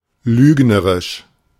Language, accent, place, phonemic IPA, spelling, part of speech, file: German, Germany, Berlin, /ˈlyːɡnəʁɪʃ/, lügnerisch, adjective, De-lügnerisch.ogg
- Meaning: mendacious